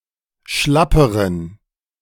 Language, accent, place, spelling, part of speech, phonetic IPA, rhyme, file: German, Germany, Berlin, schlapperen, adjective, [ˈʃlapəʁən], -apəʁən, De-schlapperen.ogg
- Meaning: inflection of schlapp: 1. strong genitive masculine/neuter singular comparative degree 2. weak/mixed genitive/dative all-gender singular comparative degree